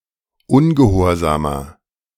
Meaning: 1. comparative degree of ungehorsam 2. inflection of ungehorsam: strong/mixed nominative masculine singular 3. inflection of ungehorsam: strong genitive/dative feminine singular
- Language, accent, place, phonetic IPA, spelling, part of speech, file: German, Germany, Berlin, [ˈʊnɡəˌhoːɐ̯zaːmɐ], ungehorsamer, adjective, De-ungehorsamer.ogg